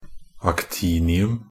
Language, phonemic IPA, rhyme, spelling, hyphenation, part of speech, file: Norwegian Bokmål, /akˈtiːnɪʉm/, -ʉm, actinium, ac‧ti‧ni‧um, noun, Nb-actinium.ogg
- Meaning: actinium (a radioactive, metallic chemical element (symbol: Ac) with an atomic number of 89; found in uranium ores)